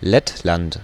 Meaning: Latvia (a country in northeastern Europe)
- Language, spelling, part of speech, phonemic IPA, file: German, Lettland, proper noun, /ˈlɛtlant/, De-Lettland.ogg